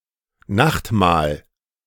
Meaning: supper, evening meal
- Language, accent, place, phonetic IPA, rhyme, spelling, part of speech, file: German, Germany, Berlin, [ˈnaxtˌmaːl], -axtmaːl, Nachtmahl, noun, De-Nachtmahl.ogg